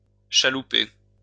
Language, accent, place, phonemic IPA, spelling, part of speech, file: French, France, Lyon, /ʃa.lu.pe/, chalouper, verb, LL-Q150 (fra)-chalouper.wav
- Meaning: to sway, to rock (said of dancing or walking)